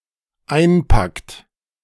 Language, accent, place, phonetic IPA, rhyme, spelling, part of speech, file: German, Germany, Berlin, [ˈaɪ̯nˌpakt], -aɪ̯npakt, einpackt, verb, De-einpackt.ogg
- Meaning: inflection of einpacken: 1. third-person singular dependent present 2. second-person plural dependent present